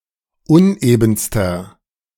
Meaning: inflection of uneben: 1. strong/mixed nominative masculine singular superlative degree 2. strong genitive/dative feminine singular superlative degree 3. strong genitive plural superlative degree
- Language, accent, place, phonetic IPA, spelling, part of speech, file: German, Germany, Berlin, [ˈʊnʔeːbn̩stɐ], unebenster, adjective, De-unebenster.ogg